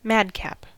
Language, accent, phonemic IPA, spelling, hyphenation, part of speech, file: English, General American, /ˈmædˌkæp/, madcap, mad‧cap, noun / adjective, En-us-madcap.ogg
- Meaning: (noun) 1. A person who acts in a capricious, impulsive, or reckless manner 2. A very foolish or irresponsible person; a fool, an idiot 3. An insane person; a lunatic